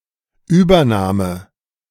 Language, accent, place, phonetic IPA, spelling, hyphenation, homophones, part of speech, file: German, Germany, Berlin, [ˈyːbɐˌnaːmə], Übername, Über‧na‧me, Übernahme, noun, De-Übername.ogg
- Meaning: nickname